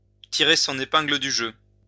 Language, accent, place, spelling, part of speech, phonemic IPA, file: French, France, Lyon, tirer son épingle du jeu, verb, /ti.ʁe sɔ̃.n‿e.pɛ̃.ɡlə dy ʒø/, LL-Q150 (fra)-tirer son épingle du jeu.wav
- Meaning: to play one's cards right; to make it out of a potentially bad situation relatively unscathed; to pull out skilfully while the going is still good